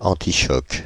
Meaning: shockproof (able to withstand shocks)
- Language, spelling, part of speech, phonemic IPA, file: French, antichoc, adjective, /ɑ̃.ti.ʃɔk/, Fr-antichoc.ogg